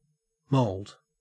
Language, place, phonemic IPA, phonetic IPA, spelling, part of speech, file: English, Queensland, /məʉld/, [məʉɫd], mould, noun / verb, En-au-mould.ogg
- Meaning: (noun) 1. Commonwealth standard spelling of mold 2. Commonwealth spelling of mold (“growth of tiny fungi”); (verb) Commonwealth spelling of mold (“to cause to become mouldy”)